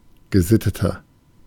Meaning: 1. comparative degree of gesittet 2. inflection of gesittet: strong/mixed nominative masculine singular 3. inflection of gesittet: strong genitive/dative feminine singular
- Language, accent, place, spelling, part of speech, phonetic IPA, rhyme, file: German, Germany, Berlin, gesitteter, adjective, [ɡəˈzɪtətɐ], -ɪtətɐ, De-gesitteter.ogg